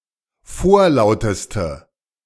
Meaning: inflection of vorlaut: 1. strong/mixed nominative/accusative feminine singular superlative degree 2. strong nominative/accusative plural superlative degree
- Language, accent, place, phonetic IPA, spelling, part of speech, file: German, Germany, Berlin, [ˈfoːɐ̯ˌlaʊ̯təstə], vorlauteste, adjective, De-vorlauteste.ogg